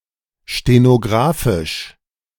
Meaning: stenographic
- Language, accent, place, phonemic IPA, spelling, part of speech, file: German, Germany, Berlin, /ʃtenoˈɡʁaːfɪʃ/, stenographisch, adjective, De-stenographisch.ogg